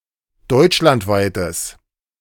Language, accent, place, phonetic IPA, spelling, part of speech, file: German, Germany, Berlin, [ˈdɔɪ̯t͡ʃlantˌvaɪ̯təs], deutschlandweites, adjective, De-deutschlandweites.ogg
- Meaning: strong/mixed nominative/accusative neuter singular of deutschlandweit